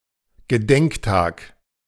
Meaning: 1. anniversary 2. day of remembrance
- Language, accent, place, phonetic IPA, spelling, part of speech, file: German, Germany, Berlin, [ɡəˈdɛŋkˌtaːk], Gedenktag, noun, De-Gedenktag.ogg